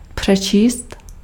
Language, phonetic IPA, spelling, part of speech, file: Czech, [ˈpr̝̊ɛt͡ʃiːst], přečíst, verb, Cs-přečíst.ogg
- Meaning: 1. to read 2. to peruse (to read completely)